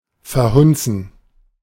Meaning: to botch up, to ruin (to destroy or make unpleasant through carelessness or incompetence, especially of media and art)
- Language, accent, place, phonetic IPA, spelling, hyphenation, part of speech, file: German, Germany, Berlin, [fɛɐ̯ˈhʊnt͡sn̩], verhunzen, ver‧hun‧zen, verb, De-verhunzen.ogg